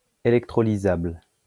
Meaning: electrolyzable
- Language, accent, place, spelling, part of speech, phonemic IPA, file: French, France, Lyon, électrolysable, adjective, /e.lɛk.tʁɔ.li.zabl/, LL-Q150 (fra)-électrolysable.wav